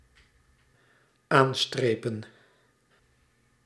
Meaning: to mark with a line
- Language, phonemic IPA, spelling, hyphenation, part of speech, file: Dutch, /ˈaːnˌstreː.pə(n)/, aanstrepen, aan‧stre‧pen, verb, Nl-aanstrepen.ogg